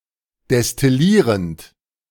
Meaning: present participle of destillieren
- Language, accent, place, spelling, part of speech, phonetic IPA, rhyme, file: German, Germany, Berlin, destillierend, verb, [dɛstɪˈliːʁənt], -iːʁənt, De-destillierend.ogg